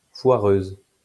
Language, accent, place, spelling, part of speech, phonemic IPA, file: French, France, Lyon, foireuse, adjective, /fwa.ʁøz/, LL-Q150 (fra)-foireuse.wav
- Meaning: feminine singular of foireux